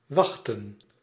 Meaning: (verb) to wait; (noun) plural of wacht
- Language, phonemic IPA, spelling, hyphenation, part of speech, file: Dutch, /ˈʋɑxtə(n)/, wachten, wach‧ten, verb / noun, Nl-wachten.ogg